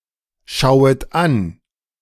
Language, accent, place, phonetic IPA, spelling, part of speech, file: German, Germany, Berlin, [ˌʃaʊ̯ət ˈan], schauet an, verb, De-schauet an.ogg
- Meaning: second-person plural subjunctive I of anschauen